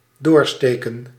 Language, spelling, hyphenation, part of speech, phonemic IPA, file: Dutch, doorsteken, door‧ste‧ken, verb, /ˈdoːrˌsteː.kə(n)/, Nl-doorsteken.ogg
- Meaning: 1. to pierce through 2. to declog